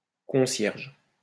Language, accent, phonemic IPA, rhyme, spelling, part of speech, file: French, France, /kɔ̃.sjɛʁʒ/, -ɛʁʒ, concierge, noun, LL-Q150 (fra)-concierge.wav
- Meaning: 1. house-porter, doorkeeper, caretaker 2. janitor, custodian 3. concierge 4. lodge-keeper of a château 5. keeper, jailor (prison)